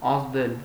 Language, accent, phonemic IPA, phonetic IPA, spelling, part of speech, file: Armenian, Eastern Armenian, /ɑzˈdel/, [ɑzdél], ազդել, verb, Hy-ազդել.ogg
- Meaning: 1. to affect 2. to have an effect 3. to move, to touch (to act on the emotions)